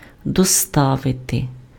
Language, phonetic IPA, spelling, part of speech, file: Ukrainian, [dɔˈstaʋete], доставити, verb, Uk-доставити.ogg
- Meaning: to deliver